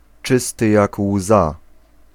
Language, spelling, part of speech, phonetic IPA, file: Polish, czysty jak łza, adjectival phrase, [ˈt͡ʃɨstɨ ˈjak ˈwza], Pl-czysty jak łza.ogg